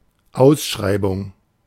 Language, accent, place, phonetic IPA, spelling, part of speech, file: German, Germany, Berlin, [ˈaʊ̯sˌʃʁaɪ̯bʊŋ], Ausschreibung, noun, De-Ausschreibung.ogg
- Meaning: 1. tender (for a contract) 2. tendering, bidding